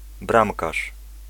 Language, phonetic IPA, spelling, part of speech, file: Polish, [ˈbrãmkaʃ], bramkarz, noun, Pl-bramkarz.ogg